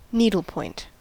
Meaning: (noun) 1. A craft involving pulling yarn, thread, or floss through a canvas mesh to produce a decorative design 2. An object made using that craft; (verb) To produce a decorative design by this means
- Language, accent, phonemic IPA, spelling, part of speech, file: English, US, /ˈniːdl̩ˌpɔɪnt/, needlepoint, noun / verb, En-us-needlepoint.ogg